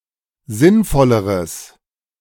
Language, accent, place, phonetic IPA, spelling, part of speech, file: German, Germany, Berlin, [ˈzɪnˌfɔləʁəs], sinnvolleres, adjective, De-sinnvolleres.ogg
- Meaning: strong/mixed nominative/accusative neuter singular comparative degree of sinnvoll